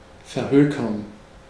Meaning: to sell off
- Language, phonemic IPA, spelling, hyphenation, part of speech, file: German, /fɛɐ̯ˈhøːkɐn/, verhökern, ver‧hö‧kern, verb, De-verhökern.ogg